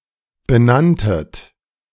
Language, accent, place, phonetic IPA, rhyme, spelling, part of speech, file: German, Germany, Berlin, [bəˈnantət], -antət, benanntet, verb, De-benanntet.ogg
- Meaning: second-person plural preterite of benennen